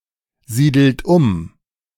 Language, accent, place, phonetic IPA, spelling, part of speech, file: German, Germany, Berlin, [ˌziːdl̩t ˈʊm], siedelt um, verb, De-siedelt um.ogg
- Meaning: inflection of umsiedeln: 1. third-person singular present 2. second-person plural present 3. plural imperative